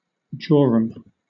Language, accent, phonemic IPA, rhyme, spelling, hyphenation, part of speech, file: English, Southern England, /ˈd͡ʒɔːɹəm/, -ɔːɹəm, jorum, jo‧rum, noun, LL-Q1860 (eng)-jorum.wav
- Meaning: 1. A large vessel for drinking (usually alcoholic beverages) 2. The contents, or quantity of the contents, of such a vessel 3. A large quantity